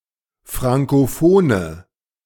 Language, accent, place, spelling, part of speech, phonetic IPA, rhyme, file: German, Germany, Berlin, frankophone, adjective, [ˌfʁaŋkoˈfoːnə], -oːnə, De-frankophone.ogg
- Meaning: inflection of frankophon: 1. strong/mixed nominative/accusative feminine singular 2. strong nominative/accusative plural 3. weak nominative all-gender singular